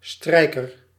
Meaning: 1. a musician who plays a string instrument, usually with a bow 2. someone who irons clothes
- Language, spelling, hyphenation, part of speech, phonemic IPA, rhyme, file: Dutch, strijker, strij‧ker, noun, /ˈstrɛi̯.kər/, -ɛi̯kər, Nl-strijker.ogg